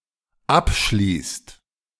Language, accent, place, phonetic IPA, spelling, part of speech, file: German, Germany, Berlin, [ˈapˌʃliːst], abschließt, verb, De-abschließt.ogg
- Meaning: inflection of abschließen: 1. second/third-person singular dependent present 2. second-person plural dependent present